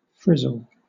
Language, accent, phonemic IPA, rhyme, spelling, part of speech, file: English, Southern England, /ˈfɹɪzəl/, -ɪzəl, frizzle, verb / noun, LL-Q1860 (eng)-frizzle.wav
- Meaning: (verb) 1. To fry something until crisp and curled 2. To scorch 3. To fry noisily, sizzle 4. To curl or crisp, as hair; to frizz; to crinkle; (noun) 1. A curl; a lock of hair crisped 2. A frizzle fowl